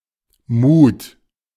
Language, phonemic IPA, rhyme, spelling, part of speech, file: German, /muːt/, -uːt, Mut, noun, De-Mut2.oga
- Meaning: 1. courage; bravery 2. mood; emotional state